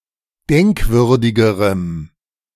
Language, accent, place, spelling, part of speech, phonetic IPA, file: German, Germany, Berlin, denkwürdigerem, adjective, [ˈdɛŋkˌvʏʁdɪɡəʁəm], De-denkwürdigerem.ogg
- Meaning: strong dative masculine/neuter singular comparative degree of denkwürdig